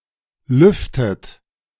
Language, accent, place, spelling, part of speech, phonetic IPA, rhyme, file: German, Germany, Berlin, lüftet, verb, [ˈlʏftət], -ʏftət, De-lüftet.ogg
- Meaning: inflection of lüften: 1. third-person singular present 2. second-person plural present 3. second-person plural subjunctive I 4. plural imperative